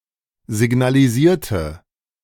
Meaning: inflection of signalisieren: 1. first/third-person singular preterite 2. first/third-person singular subjunctive II
- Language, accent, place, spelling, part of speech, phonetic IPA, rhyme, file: German, Germany, Berlin, signalisierte, adjective / verb, [zɪɡnaliˈziːɐ̯tə], -iːɐ̯tə, De-signalisierte.ogg